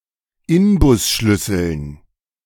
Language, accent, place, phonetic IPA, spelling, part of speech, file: German, Germany, Berlin, [ˈɪnbʊsˌʃlʏsl̩n], Inbusschlüsseln, noun, De-Inbusschlüsseln.ogg
- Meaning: dative plural of Inbusschlüssel